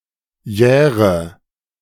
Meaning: inflection of jähren: 1. first-person singular present 2. first/third-person singular subjunctive I 3. singular imperative
- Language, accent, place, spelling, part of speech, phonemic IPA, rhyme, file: German, Germany, Berlin, jähre, verb, /ˈjɛːʁə/, -ɛːʁə, De-jähre.ogg